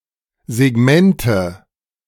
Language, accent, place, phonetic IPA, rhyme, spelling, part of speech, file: German, Germany, Berlin, [zeˈɡmɛntə], -ɛntə, Segmente, noun, De-Segmente.ogg
- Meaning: nominative/accusative/genitive plural of Segment